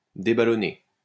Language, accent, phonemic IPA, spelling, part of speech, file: French, France, /de.ba.lɔ.ne/, déballonner, verb, LL-Q150 (fra)-déballonner.wav
- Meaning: to chicken out